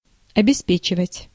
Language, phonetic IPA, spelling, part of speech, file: Russian, [ɐbʲɪˈspʲet͡ɕɪvətʲ], обеспечивать, verb, Ru-обеспечивать.ogg
- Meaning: 1. to provide, to supply 2. to assure, to secure, to guarantee, to ensure (to make sure and secure)